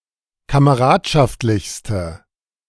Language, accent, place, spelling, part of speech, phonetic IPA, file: German, Germany, Berlin, kameradschaftlichste, adjective, [kaməˈʁaːtʃaftlɪçstə], De-kameradschaftlichste.ogg
- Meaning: inflection of kameradschaftlich: 1. strong/mixed nominative/accusative feminine singular superlative degree 2. strong nominative/accusative plural superlative degree